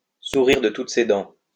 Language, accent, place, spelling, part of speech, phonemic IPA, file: French, France, Lyon, sourire de toutes ses dents, verb, /su.ʁiʁ də tut se dɑ̃/, LL-Q150 (fra)-sourire de toutes ses dents.wav
- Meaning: to smile from ear to ear, to smile all over one's face, to grin like a Cheshire cat